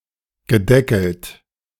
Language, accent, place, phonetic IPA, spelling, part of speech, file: German, Germany, Berlin, [ɡəˈdɛkl̩t], gedeckelt, verb, De-gedeckelt.ogg
- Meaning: past participle of deckeln